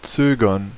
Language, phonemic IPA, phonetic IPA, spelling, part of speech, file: German, /ˈtsøːɡərn/, [ˈt͡søː.ɡɐn], zögern, verb, De-zögern.ogg
- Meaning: to hesitate, to pause before doing something